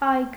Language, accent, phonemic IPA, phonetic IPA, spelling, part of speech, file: Armenian, Eastern Armenian, /ɑjɡ/, [ɑjɡ], այգ, noun, Hy-այգ.ogg
- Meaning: 1. daybreak, dawn, morning 2. dawn (of), outset (of), start (of) 3. youth